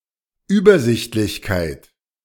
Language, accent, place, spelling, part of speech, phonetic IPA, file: German, Germany, Berlin, Übersichtlichkeit, noun, [ˈyːbɐˌzɪçtlɪçkaɪ̯t], De-Übersichtlichkeit.ogg
- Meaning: 1. clarity 2. lucidity